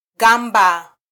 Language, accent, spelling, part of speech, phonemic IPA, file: Swahili, Kenya, gamba, noun, /ˈɠɑ.ᵐbɑ/, Sw-ke-gamba.flac
- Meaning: 1. bark (of a tree) 2. skin (of a scaly animal) 3. scale (of an animal) 4. armor 5. shell